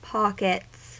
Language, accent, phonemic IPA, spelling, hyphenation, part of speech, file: English, US, /ˈpɑ.kɪts/, pockets, pock‧ets, noun / verb, En-us-pockets.ogg
- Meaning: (noun) plural of pocket; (verb) third-person singular simple present indicative of pocket